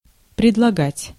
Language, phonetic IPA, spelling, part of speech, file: Russian, [prʲɪdɫɐˈɡatʲ], предлагать, verb, Ru-предлагать.ogg
- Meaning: 1. to offer, to proffer 2. to propose, to suggest